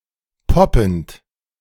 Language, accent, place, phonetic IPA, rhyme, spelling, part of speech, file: German, Germany, Berlin, [ˈpɔpn̩t], -ɔpn̩t, poppend, verb, De-poppend.ogg
- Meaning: present participle of poppen